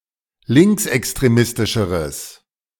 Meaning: strong/mixed nominative/accusative neuter singular comparative degree of linksextremistisch
- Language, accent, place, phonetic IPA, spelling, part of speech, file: German, Germany, Berlin, [ˈlɪŋksʔɛkstʁeˌmɪstɪʃəʁəs], linksextremistischeres, adjective, De-linksextremistischeres.ogg